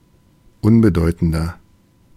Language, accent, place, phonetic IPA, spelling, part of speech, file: German, Germany, Berlin, [ˈʊnbəˌdɔɪ̯tn̩dɐ], unbedeutender, adjective, De-unbedeutender.ogg
- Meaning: 1. comparative degree of unbedeutend 2. inflection of unbedeutend: strong/mixed nominative masculine singular 3. inflection of unbedeutend: strong genitive/dative feminine singular